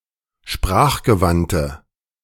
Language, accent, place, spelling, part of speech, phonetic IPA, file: German, Germany, Berlin, sprachgewandte, adjective, [ˈʃpʁaːxɡəˌvantə], De-sprachgewandte.ogg
- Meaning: inflection of sprachgewandt: 1. strong/mixed nominative/accusative feminine singular 2. strong nominative/accusative plural 3. weak nominative all-gender singular